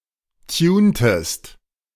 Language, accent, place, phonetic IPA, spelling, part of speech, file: German, Germany, Berlin, [ˈtjuːntəst], tuntest, verb, De-tuntest.ogg
- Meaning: inflection of tunen: 1. second-person singular preterite 2. second-person singular subjunctive II